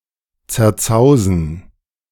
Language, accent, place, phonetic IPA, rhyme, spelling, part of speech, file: German, Germany, Berlin, [t͡sɛɐ̯ˈt͡saʊ̯zn̩], -aʊ̯zn̩, zerzausen, verb, De-zerzausen.ogg
- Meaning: to ruffle